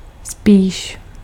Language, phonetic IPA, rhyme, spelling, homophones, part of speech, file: Czech, [ˈspiːʃ], -iːʃ, spíž, spíš, noun, Cs-spíž.ogg
- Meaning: pantry